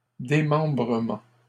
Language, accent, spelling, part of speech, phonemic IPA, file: French, Canada, démembrement, noun, /de.mɑ̃.bʁə.mɑ̃/, LL-Q150 (fra)-démembrement.wav
- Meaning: dismemberment